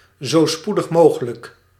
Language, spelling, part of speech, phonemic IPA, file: Dutch, z.s.m., abbreviation, /ˌzɛtɛsˈɛm/, Nl-z.s.m..ogg
- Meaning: abbreviation of zo spoedig mogelijk or zo snel mogelijk: as soon as possible, ASAP